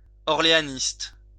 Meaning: Orleanist
- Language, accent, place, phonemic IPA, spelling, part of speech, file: French, France, Lyon, /ɔʁ.le.a.nist/, orléaniste, noun, LL-Q150 (fra)-orléaniste.wav